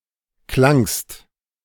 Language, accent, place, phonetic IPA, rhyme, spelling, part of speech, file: German, Germany, Berlin, [klaŋst], -aŋst, klangst, verb, De-klangst.ogg
- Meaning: second-person singular preterite of klingen